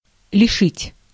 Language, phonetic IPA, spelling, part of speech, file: Russian, [lʲɪˈʂɨtʲ], лишить, verb, Ru-лишить.ogg
- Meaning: 1. to deprive, to rob, to bereave 2. to devest, to forjudge, to dispossess